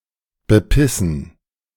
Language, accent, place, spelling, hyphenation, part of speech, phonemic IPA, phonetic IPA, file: German, Germany, Berlin, bepissen, be‧pis‧sen, verb, /bəˈpɪsən/, [bəˈpʰɪsn̩], De-bepissen.ogg
- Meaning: 1. to piss on, to bepiss 2. to piss one's pants laughing, to laugh one's ass off